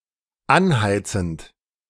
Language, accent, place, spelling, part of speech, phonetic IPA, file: German, Germany, Berlin, anheizend, verb, [ˈanˌhaɪ̯t͡sn̩t], De-anheizend.ogg
- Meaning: present participle of anheizen